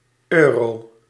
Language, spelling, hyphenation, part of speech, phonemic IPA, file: Dutch, euro, eu‧ro, noun, /ˈøːroː/, Nl-euro.ogg
- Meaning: 1. euro (currency) 2. a euro (a coin of that currency)